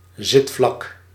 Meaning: 1. butt, seat, posterior (part of the torso and legs on which one sits) 2. posterior of a pair of trousers, the part covering the butt 3. seating surface (of a piece of furniture)
- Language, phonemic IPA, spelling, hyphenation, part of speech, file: Dutch, /ˈzɪt.flɑk/, zitvlak, zit‧vlak, noun, Nl-zitvlak.ogg